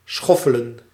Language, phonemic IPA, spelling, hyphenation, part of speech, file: Dutch, /ˈsxɔ.fə.lə(n)/, schoffelen, schof‧fe‧len, verb, Nl-schoffelen.ogg
- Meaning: 1. to hoe, to weed with a scuffle 2. to weed